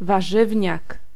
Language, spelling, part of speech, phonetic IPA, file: Polish, warzywniak, noun, [vaˈʒɨvʲɲak], Pl-warzywniak.ogg